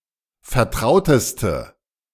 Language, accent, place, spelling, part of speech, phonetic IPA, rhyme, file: German, Germany, Berlin, vertrauteste, adjective, [fɛɐ̯ˈtʁaʊ̯təstə], -aʊ̯təstə, De-vertrauteste.ogg
- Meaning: inflection of vertraut: 1. strong/mixed nominative/accusative feminine singular superlative degree 2. strong nominative/accusative plural superlative degree